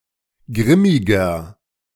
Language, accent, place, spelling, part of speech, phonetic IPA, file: German, Germany, Berlin, grimmiger, adjective, [ˈɡʁɪmɪɡɐ], De-grimmiger.ogg
- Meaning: 1. comparative degree of grimmig 2. inflection of grimmig: strong/mixed nominative masculine singular 3. inflection of grimmig: strong genitive/dative feminine singular